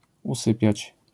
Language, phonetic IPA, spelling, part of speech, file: Polish, [uˈsɨpʲjät͡ɕ], usypiać, verb, LL-Q809 (pol)-usypiać.wav